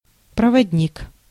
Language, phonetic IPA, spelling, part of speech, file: Russian, [prəvɐdʲˈnʲik], проводник, noun, Ru-проводник.ogg
- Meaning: 1. guide (person) 2. conductor, guard, train attendant (on a train) 3. conductor (physical, electrical)